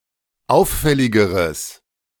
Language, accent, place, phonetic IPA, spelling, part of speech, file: German, Germany, Berlin, [ˈaʊ̯fˌfɛlɪɡəʁəs], auffälligeres, adjective, De-auffälligeres.ogg
- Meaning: strong/mixed nominative/accusative neuter singular comparative degree of auffällig